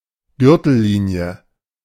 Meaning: beltline
- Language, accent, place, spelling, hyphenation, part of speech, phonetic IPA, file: German, Germany, Berlin, Gürtellinie, Gür‧tel‧li‧nie, noun, [ˈɡʏʁtl̩ˌliːni̯ə], De-Gürtellinie.ogg